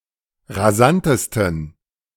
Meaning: 1. superlative degree of rasant 2. inflection of rasant: strong genitive masculine/neuter singular superlative degree
- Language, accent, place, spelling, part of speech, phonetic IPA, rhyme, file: German, Germany, Berlin, rasantesten, adjective, [ʁaˈzantəstn̩], -antəstn̩, De-rasantesten.ogg